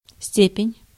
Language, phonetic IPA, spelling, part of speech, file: Russian, [ˈsʲtʲepʲɪnʲ], степень, noun, Ru-степень.ogg
- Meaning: 1. degree, extent 2. power 3. degree of comparison 4. rank, title, degree